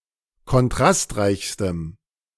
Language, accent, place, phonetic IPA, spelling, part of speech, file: German, Germany, Berlin, [kɔnˈtʁastˌʁaɪ̯çstəm], kontrastreichstem, adjective, De-kontrastreichstem.ogg
- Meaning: strong dative masculine/neuter singular superlative degree of kontrastreich